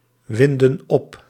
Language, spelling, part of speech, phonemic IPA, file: Dutch, winden op, verb, /ˈwɪndə(n) ˈɔp/, Nl-winden op.ogg
- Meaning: inflection of opwinden: 1. plural present indicative 2. plural present subjunctive